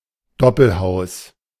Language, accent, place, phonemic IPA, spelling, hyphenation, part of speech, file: German, Germany, Berlin, /ˈdɔpl̩ˌhaʊ̯s/, Doppelhaus, Dop‧pel‧haus, noun, De-Doppelhaus.ogg
- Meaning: semi-detached house